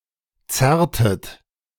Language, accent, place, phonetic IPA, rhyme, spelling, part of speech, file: German, Germany, Berlin, [ˈt͡sɛʁtət], -ɛʁtət, zerrtet, verb, De-zerrtet.ogg
- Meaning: inflection of zerren: 1. second-person plural preterite 2. second-person plural subjunctive II